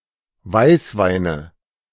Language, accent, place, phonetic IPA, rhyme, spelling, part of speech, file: German, Germany, Berlin, [ˈvaɪ̯sˌvaɪ̯nə], -aɪ̯svaɪ̯nə, Weißweine, noun, De-Weißweine.ogg
- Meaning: nominative/accusative/genitive plural of Weißwein